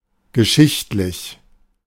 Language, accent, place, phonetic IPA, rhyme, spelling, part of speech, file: German, Germany, Berlin, [ɡəˈʃɪçtlɪç], -ɪçtlɪç, geschichtlich, adjective, De-geschichtlich.ogg
- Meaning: historical